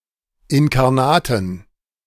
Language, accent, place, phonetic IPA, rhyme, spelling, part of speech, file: German, Germany, Berlin, [ɪnkaʁˈnaːtn̩], -aːtn̩, inkarnaten, adjective, De-inkarnaten.ogg
- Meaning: inflection of inkarnat: 1. strong genitive masculine/neuter singular 2. weak/mixed genitive/dative all-gender singular 3. strong/weak/mixed accusative masculine singular 4. strong dative plural